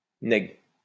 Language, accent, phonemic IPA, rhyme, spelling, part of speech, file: French, France, /nɛɡ/, -ɛɡ, nèg, noun, LL-Q150 (fra)-nèg.wav
- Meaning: 1. alternative form of nègre 2. guy; dude; close friend